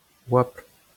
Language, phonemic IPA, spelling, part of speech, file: Breton, /ˈwɑːpl/, oabl, noun, LL-Q12107 (bre)-oabl.wav
- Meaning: 1. sky 2. heavens